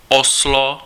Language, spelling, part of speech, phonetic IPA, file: Czech, Oslo, proper noun, [ˈoslo], Cs-Oslo.ogg
- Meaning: Oslo (a county and municipality, the capital city of Norway)